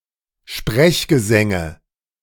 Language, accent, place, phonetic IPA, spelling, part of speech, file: German, Germany, Berlin, [ˈʃpʁɛçɡəˌzɛŋə], Sprechgesänge, noun, De-Sprechgesänge.ogg
- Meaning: nominative/accusative/genitive plural of Sprechgesang